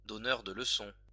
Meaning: someone prone to pontificating, to lecturing and patronizing people
- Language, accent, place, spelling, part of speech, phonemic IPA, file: French, France, Lyon, donneur de leçons, noun, /dɔ.nœʁ də l(ə).sɔ̃/, LL-Q150 (fra)-donneur de leçons.wav